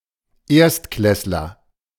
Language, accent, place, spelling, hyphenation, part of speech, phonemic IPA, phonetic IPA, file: German, Germany, Berlin, Erstklässler, Erst‧kläss‧ler, noun, /ˈeːrstklɛslər/, [ʔɛɐ̯stklɛslɐ], De-Erstklässler.ogg
- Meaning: first-year pupil; child who has just started school; abecedarian